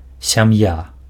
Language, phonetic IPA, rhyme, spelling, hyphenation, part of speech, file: Belarusian, [sʲaˈmja], -a, сям'я, ся‧м'я, noun, Be-сям'я.ogg
- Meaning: 1. family (a group of people consisting of a spouse, children, and other relatives living together) 2. family (group, organization of people united by common interests, activities, friendship)